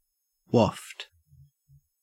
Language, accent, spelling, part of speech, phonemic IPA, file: English, Australia, waft, verb / noun, /wɔft/, En-au-waft.ogg
- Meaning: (verb) 1. To (cause to) float easily or gently through the air 2. To be moved, or to pass, on a buoyant medium; to float 3. To give notice to by waving something; to wave the hand to; to beckon